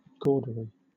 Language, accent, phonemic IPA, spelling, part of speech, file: English, Southern England, /ˈɡɔːdəɹi/, gaudery, noun, LL-Q1860 (eng)-gaudery.wav
- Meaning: 1. finery; ornaments 2. ostentatious display; gaudiness